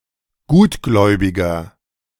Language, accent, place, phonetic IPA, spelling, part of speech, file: German, Germany, Berlin, [ˈɡuːtˌɡlɔɪ̯bɪɡɐ], gutgläubiger, adjective, De-gutgläubiger.ogg
- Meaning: 1. comparative degree of gutgläubig 2. inflection of gutgläubig: strong/mixed nominative masculine singular 3. inflection of gutgläubig: strong genitive/dative feminine singular